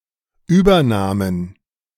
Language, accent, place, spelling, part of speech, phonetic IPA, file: German, Germany, Berlin, Übernahmen, noun, [ˈyːbɐˌnaːmən], De-Übernahmen.ogg
- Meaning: genitive singular of Übernahme